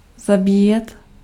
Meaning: to kill, to slaughter, to butcher
- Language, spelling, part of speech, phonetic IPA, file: Czech, zabíjet, verb, [ˈzabiːjɛt], Cs-zabíjet.ogg